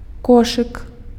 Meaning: basket
- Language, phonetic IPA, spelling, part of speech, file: Belarusian, [ˈkoʂɨk], кошык, noun, Be-кошык.ogg